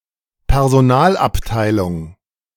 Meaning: department of human resources
- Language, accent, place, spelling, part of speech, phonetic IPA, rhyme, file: German, Germany, Berlin, Personalabteilung, noun, [pɛʁzoˈnaːlʔapˌtaɪ̯lʊŋ], -aːlʔaptaɪ̯lʊŋ, De-Personalabteilung.ogg